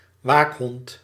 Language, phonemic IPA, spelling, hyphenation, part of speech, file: Dutch, /ˈʋaːk.ɦɔnt/, waakhond, waak‧hond, noun, Nl-waakhond.ogg
- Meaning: watchdog, guard dog